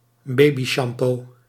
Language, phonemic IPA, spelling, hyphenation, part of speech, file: Dutch, /ˈbeːbiʃɑmpoː/, babyshampoo, ba‧by‧sham‧poo, noun, Nl-babyshampoo.ogg
- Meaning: shampoo meant for a baby